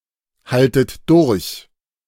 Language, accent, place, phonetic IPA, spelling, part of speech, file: German, Germany, Berlin, [ˌhaltət ˈdʊʁç], haltet durch, verb, De-haltet durch.ogg
- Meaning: second-person plural subjunctive I of durchhalten